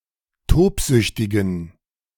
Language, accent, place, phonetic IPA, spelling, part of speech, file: German, Germany, Berlin, [ˈtoːpˌzʏçtɪɡn̩], tobsüchtigen, adjective, De-tobsüchtigen.ogg
- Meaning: inflection of tobsüchtig: 1. strong genitive masculine/neuter singular 2. weak/mixed genitive/dative all-gender singular 3. strong/weak/mixed accusative masculine singular 4. strong dative plural